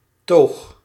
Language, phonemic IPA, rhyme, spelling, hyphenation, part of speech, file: Dutch, /toːx/, -oːx, toog, toog, noun, Nl-toog.ogg
- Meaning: 1. bar counter 2. shop counter